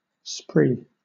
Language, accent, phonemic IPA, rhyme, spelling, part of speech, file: English, Southern England, /spɹiː/, -iː, spree, noun / verb, LL-Q1860 (eng)-spree.wav
- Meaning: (noun) 1. Uninhibited activity 2. A merry frolic; especially, a drinking frolic; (verb) To engage in a spree